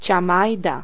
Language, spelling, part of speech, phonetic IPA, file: Polish, ciamajda, noun, [t͡ɕãˈmajda], Pl-ciamajda.ogg